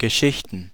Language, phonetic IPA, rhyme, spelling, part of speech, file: German, [ɡəˈʃɪçtn̩], -ɪçtn̩, Geschichten, noun, De-Geschichten.ogg
- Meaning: plural of Geschichte